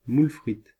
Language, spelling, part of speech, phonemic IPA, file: French, moules-frites, noun, /mul.fʁit/, Fr-moules-frites.ogg
- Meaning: a dish consisting of mussels and French fries